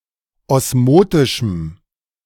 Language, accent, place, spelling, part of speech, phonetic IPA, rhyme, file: German, Germany, Berlin, osmotischem, adjective, [ˌɔsˈmoːtɪʃm̩], -oːtɪʃm̩, De-osmotischem.ogg
- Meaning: strong dative masculine/neuter singular of osmotisch